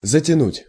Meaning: 1. to tighten 2. to cover, to close 3. to procrastinate, to delay, to drag out 4. to pull (into) 5. to drag (into), to suck (into), to suck (down), to engulf, to swallow up
- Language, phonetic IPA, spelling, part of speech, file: Russian, [zətʲɪˈnutʲ], затянуть, verb, Ru-затянуть.ogg